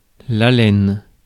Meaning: 1. breath 2. breathing, respiration
- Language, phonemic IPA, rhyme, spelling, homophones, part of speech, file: French, /a.lɛn/, -ɛn, haleine, alène / alènes / alêne / alênes / allen / Allen / allène / allènes / haleines / halène / halènent / halènes, noun, Fr-haleine.ogg